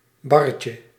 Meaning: diminutive of bar
- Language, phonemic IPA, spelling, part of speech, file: Dutch, /ˈbɑrəcə/, barretje, noun, Nl-barretje.ogg